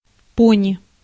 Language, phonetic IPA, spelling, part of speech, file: Russian, [ˈponʲɪ], пони, noun, Ru-пони.ogg
- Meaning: pony (small horse)